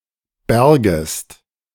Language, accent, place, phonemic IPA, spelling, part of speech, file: German, Germany, Berlin, /ˈbɛɐ̯ɡəst/, bergest, verb, De-bergest.ogg
- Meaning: second-person singular subjunctive I of bergen